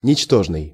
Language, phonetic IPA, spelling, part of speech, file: Russian, [nʲɪt͡ɕˈtoʐnɨj], ничтожный, adjective, Ru-ничтожный.ogg
- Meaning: 1. trifling, insignificant, contemptible 2. worthless, paltry, despicable, mean 3. null and void